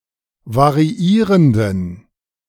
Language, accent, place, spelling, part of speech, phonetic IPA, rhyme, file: German, Germany, Berlin, variierenden, adjective, [vaʁiˈiːʁəndn̩], -iːʁəndn̩, De-variierenden.ogg
- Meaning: inflection of variierend: 1. strong genitive masculine/neuter singular 2. weak/mixed genitive/dative all-gender singular 3. strong/weak/mixed accusative masculine singular 4. strong dative plural